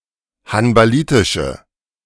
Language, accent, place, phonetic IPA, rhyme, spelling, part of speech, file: German, Germany, Berlin, [hanbaˈliːtɪʃə], -iːtɪʃə, hanbalitische, adjective, De-hanbalitische.ogg
- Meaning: inflection of hanbalitisch: 1. strong/mixed nominative/accusative feminine singular 2. strong nominative/accusative plural 3. weak nominative all-gender singular